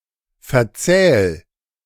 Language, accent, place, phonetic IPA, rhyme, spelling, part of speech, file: German, Germany, Berlin, [fɛɐ̯ˈt͡sɛːl], -ɛːl, verzähl, verb, De-verzähl.ogg
- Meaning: 1. singular imperative of verzählen 2. first-person singular present of verzählen